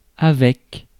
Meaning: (preposition) with; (adverb) too, also
- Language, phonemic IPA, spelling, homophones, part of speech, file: French, /a.vɛk/, avec, avecques, preposition / adverb, Fr-avec.ogg